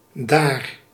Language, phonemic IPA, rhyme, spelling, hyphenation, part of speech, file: Dutch, /daːr/, -aːr, daar, daar, adverb / conjunction, Nl-daar.ogg
- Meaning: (adverb) 1. there 2. pronominal adverb form of dat; that; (conjunction) since (preceding a reason why something is like it is)